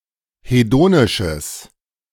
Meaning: strong/mixed nominative/accusative neuter singular of hedonisch
- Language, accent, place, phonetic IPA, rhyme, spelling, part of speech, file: German, Germany, Berlin, [heˈdoːnɪʃəs], -oːnɪʃəs, hedonisches, adjective, De-hedonisches.ogg